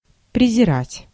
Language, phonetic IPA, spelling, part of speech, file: Russian, [prʲɪzʲɪˈratʲ], презирать, verb, Ru-презирать.ogg
- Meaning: 1. to despise, to hold in contempt 2. to scorn, to disdain